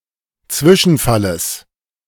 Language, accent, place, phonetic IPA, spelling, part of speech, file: German, Germany, Berlin, [ˈt͡svɪʃn̩ˌfaləs], Zwischenfalles, noun, De-Zwischenfalles.ogg
- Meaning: genitive singular of Zwischenfall